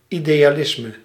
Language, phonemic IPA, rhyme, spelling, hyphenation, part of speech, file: Dutch, /ˌi.deː.aːˈlɪs.mə/, -ɪsmə, idealisme, ide‧a‧lis‧me, noun, Nl-idealisme.ogg
- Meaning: 1. idealism (philosophical tradition) 2. idealism (holding or pursuit of ideals) 3. idealism (artistic movement, tradition or typology)